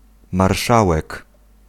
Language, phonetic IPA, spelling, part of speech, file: Polish, [marˈʃawɛk], marszałek, noun, Pl-marszałek.ogg